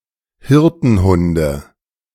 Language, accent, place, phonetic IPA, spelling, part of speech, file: German, Germany, Berlin, [ˈhɪʁtn̩ˌhʊndə], Hirtenhunde, noun, De-Hirtenhunde.ogg
- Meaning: nominative/accusative/genitive plural of Hirtenhund